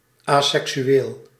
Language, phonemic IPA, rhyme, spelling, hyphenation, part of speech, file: Dutch, /ˌaː.sɛksyˈeːl/, -eːl, aseksueel, asek‧su‧eel, adjective, Nl-aseksueel.ogg
- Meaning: 1. asexual, not experiencing sexual attraction 2. asexual, not procreating sexually, not pertaining to sexual procreation 3. asexual, not displaying sex or sexual dimorphism